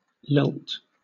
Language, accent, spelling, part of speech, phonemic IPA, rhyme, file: English, Southern England, lilt, verb / noun, /lɪlt/, -ɪlt, LL-Q1860 (eng)-lilt.wav
- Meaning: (verb) 1. To do something rhythmically, with animation and quickness, usually of music 2. To sing cheerfully, especially in Gaelic